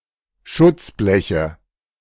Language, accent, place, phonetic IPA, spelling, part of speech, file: German, Germany, Berlin, [ˈʃʊt͡sˌblɛçə], Schutzbleche, noun, De-Schutzbleche.ogg
- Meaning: nominative/accusative/genitive plural of Schutzblech